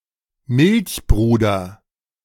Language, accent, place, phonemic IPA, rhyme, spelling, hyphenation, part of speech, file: German, Germany, Berlin, /ˈmɪlçˌˈbʁuːdɐ/, -uːdɐ, Milchbruder, Milch‧bru‧der, noun, De-Milchbruder.ogg
- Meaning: milk brother